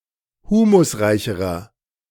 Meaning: inflection of humusreich: 1. strong/mixed nominative masculine singular comparative degree 2. strong genitive/dative feminine singular comparative degree 3. strong genitive plural comparative degree
- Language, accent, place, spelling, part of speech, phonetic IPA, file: German, Germany, Berlin, humusreicherer, adjective, [ˈhuːmʊsˌʁaɪ̯çəʁɐ], De-humusreicherer.ogg